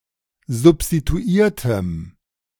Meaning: strong dative masculine/neuter singular of substituiert
- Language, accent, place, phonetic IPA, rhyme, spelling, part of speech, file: German, Germany, Berlin, [zʊpstituˈiːɐ̯təm], -iːɐ̯təm, substituiertem, adjective, De-substituiertem.ogg